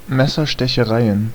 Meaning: plural of Messerstecherei
- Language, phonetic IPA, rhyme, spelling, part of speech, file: German, [ˌmɛsɐʃtɛçəˈʁaɪ̯ən], -aɪ̯ən, Messerstechereien, noun, De-Messerstechereien.ogg